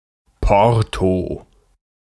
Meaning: postage (charge)
- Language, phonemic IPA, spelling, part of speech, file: German, /ˈpɔʁto/, Porto, noun, De-Porto.ogg